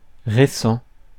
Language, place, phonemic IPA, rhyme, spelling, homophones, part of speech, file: French, Paris, /ʁe.sɑ̃/, -ɑ̃, récent, récents, adjective, Fr-récent.ogg
- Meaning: recent